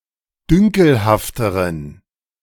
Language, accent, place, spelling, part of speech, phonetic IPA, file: German, Germany, Berlin, dünkelhafteren, adjective, [ˈdʏŋkl̩haftəʁən], De-dünkelhafteren.ogg
- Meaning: inflection of dünkelhaft: 1. strong genitive masculine/neuter singular comparative degree 2. weak/mixed genitive/dative all-gender singular comparative degree